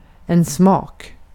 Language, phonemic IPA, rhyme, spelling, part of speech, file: Swedish, /smɑːk/, -ɑːk, smak, noun, Sv-smak.ogg
- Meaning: 1. taste (how something tastes) 2. the sense of taste, gustation 3. taste (preferences, etc.)